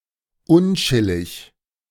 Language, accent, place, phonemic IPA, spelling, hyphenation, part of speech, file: German, Germany, Berlin, /ˈʊnˌt͡ʃɪlɪç/, unchillig, un‧chil‧lig, adjective, De-unchillig.ogg
- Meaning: 1. unpleasant 2. uncomfortable